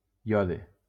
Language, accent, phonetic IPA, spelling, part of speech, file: Catalan, Valencia, [ˈjɔ.ðe], iode, noun, LL-Q7026 (cat)-iode.wav
- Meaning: iodine